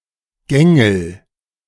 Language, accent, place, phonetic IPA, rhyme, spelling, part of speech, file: German, Germany, Berlin, [ˈɡɛŋl̩], -ɛŋl̩, gängel, verb, De-gängel.ogg
- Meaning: inflection of gängeln: 1. first-person singular present 2. singular imperative